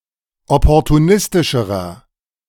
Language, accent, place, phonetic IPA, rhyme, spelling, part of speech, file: German, Germany, Berlin, [ˌɔpɔʁtuˈnɪstɪʃəʁɐ], -ɪstɪʃəʁɐ, opportunistischerer, adjective, De-opportunistischerer.ogg
- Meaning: inflection of opportunistisch: 1. strong/mixed nominative masculine singular comparative degree 2. strong genitive/dative feminine singular comparative degree